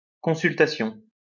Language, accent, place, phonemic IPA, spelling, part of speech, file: French, France, Lyon, /kɔ̃.syl.ta.sjɔ̃/, consultation, noun, LL-Q150 (fra)-consultation.wav
- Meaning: 1. consultation, consulting 2. survey, poll